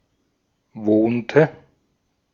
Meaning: inflection of wohnen: 1. first/third-person singular preterite 2. first/third-person singular subjunctive II
- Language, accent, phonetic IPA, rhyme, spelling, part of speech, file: German, Austria, [ˈvoːntə], -oːntə, wohnte, verb, De-at-wohnte.ogg